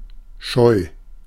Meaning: 1. shy (reserved) 2. shy, skittish, startlish (easily frightened)
- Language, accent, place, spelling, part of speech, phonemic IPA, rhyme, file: German, Germany, Berlin, scheu, adjective, /ʃɔɪ̯/, -ɔɪ̯, De-scheu.ogg